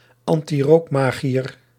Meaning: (proper noun) Nickname or persona of Robert Jasper Grootveld, who would lead anti-smoking happenings at the statue Het Lieverdje while bizarrely dressed; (noun) an opponent of smoking, usually a provo
- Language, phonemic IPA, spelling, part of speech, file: Dutch, /ɑn.tiˈroːkˌmaː.ɣi.ər/, antirookmagiër, proper noun / noun, Nl-antirookmagiër.ogg